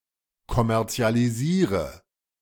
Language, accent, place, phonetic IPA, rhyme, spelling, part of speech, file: German, Germany, Berlin, [kɔmɛʁt͡si̯aliˈziːʁə], -iːʁə, kommerzialisiere, verb, De-kommerzialisiere.ogg
- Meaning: inflection of kommerzialisieren: 1. first-person singular present 2. singular imperative 3. first/third-person singular subjunctive I